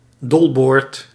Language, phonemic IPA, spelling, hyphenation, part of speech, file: Dutch, /ˈdɔl.boːrt/, dolboord, dol‧boord, noun, Nl-dolboord.ogg
- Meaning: gunwale